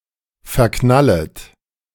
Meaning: second-person plural subjunctive I of verknallen
- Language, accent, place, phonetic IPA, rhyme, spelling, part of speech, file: German, Germany, Berlin, [fɛɐ̯ˈknalət], -alət, verknallet, verb, De-verknallet.ogg